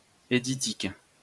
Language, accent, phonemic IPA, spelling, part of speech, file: French, France, /e.di.tik/, éditique, noun, LL-Q150 (fra)-éditique.wav
- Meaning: desktop publishing